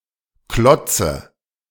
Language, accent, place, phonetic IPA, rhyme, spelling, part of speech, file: German, Germany, Berlin, [ˈklɔt͡sə], -ɔt͡sə, Klotze, noun, De-Klotze.ogg
- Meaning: dative singular of Klotz